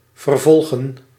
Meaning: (verb) 1. to continue, carry on 2. to persecute, pursue 3. to prosecute, sue; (noun) plural of vervolg
- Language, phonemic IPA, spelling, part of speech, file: Dutch, /vərˈvɔl.ɣə(n)/, vervolgen, verb / noun, Nl-vervolgen.ogg